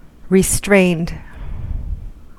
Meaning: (adjective) 1. Held back, limited, kept in check or under control 2. Proscribed, restricted; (verb) simple past and past participle of restrain
- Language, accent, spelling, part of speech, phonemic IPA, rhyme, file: English, US, restrained, adjective / verb, /ɹɪˈstɹeɪnd/, -eɪnd, En-us-restrained.ogg